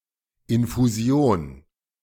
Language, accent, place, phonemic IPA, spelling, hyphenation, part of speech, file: German, Germany, Berlin, /ɪnfuˈzi̯oːn/, Infusion, In‧fu‧si‧on, noun, De-Infusion.ogg
- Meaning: infusion (administration of liquid substances directly into a vein over a longer period of time)